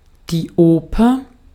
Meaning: 1. opera (theatrical work, combining drama, music, song and sometimes dance) 2. opera house, opera (theatre, or similar building, primarily used for staging opera)
- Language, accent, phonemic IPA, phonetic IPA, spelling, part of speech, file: German, Austria, /ˈoːpəʁ/, [ˈʔoː.pɐ], Oper, noun, De-at-Oper.ogg